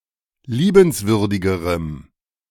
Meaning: strong dative masculine/neuter singular comparative degree of liebenswürdig
- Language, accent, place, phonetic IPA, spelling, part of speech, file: German, Germany, Berlin, [ˈliːbənsvʏʁdɪɡəʁəm], liebenswürdigerem, adjective, De-liebenswürdigerem.ogg